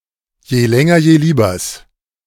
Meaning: genitive singular of Jelängerjelieber
- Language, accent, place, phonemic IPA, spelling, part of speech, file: German, Germany, Berlin, /jeːˈlɛŋɐjeːˈliːbɐs/, Jelängerjeliebers, noun, De-Jelängerjeliebers.ogg